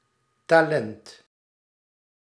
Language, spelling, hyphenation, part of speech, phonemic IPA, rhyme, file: Dutch, talent, ta‧lent, noun, /taːˈlɛnt/, -ɛnt, Nl-talent.ogg
- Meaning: 1. talent (gift, quality, capability) 2. talent (ancient weight, value of money or coin)